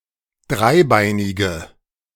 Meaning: inflection of dreibeinig: 1. strong/mixed nominative/accusative feminine singular 2. strong nominative/accusative plural 3. weak nominative all-gender singular
- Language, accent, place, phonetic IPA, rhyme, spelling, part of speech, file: German, Germany, Berlin, [ˈdʁaɪ̯ˌbaɪ̯nɪɡə], -aɪ̯baɪ̯nɪɡə, dreibeinige, adjective, De-dreibeinige.ogg